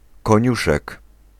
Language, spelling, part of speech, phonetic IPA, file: Polish, koniuszek, noun, [kɔ̃ˈɲuʃɛk], Pl-koniuszek.ogg